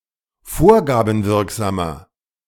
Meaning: inflection of vorgabenwirksam: 1. strong/mixed nominative masculine singular 2. strong genitive/dative feminine singular 3. strong genitive plural
- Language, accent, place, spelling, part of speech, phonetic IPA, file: German, Germany, Berlin, vorgabenwirksamer, adjective, [ˈfoːɐ̯ɡaːbm̩ˌvɪʁkzaːmɐ], De-vorgabenwirksamer.ogg